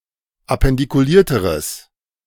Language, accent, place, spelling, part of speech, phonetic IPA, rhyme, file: German, Germany, Berlin, appendikulierteres, adjective, [apɛndikuˈliːɐ̯təʁəs], -iːɐ̯təʁəs, De-appendikulierteres.ogg
- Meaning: strong/mixed nominative/accusative neuter singular comparative degree of appendikuliert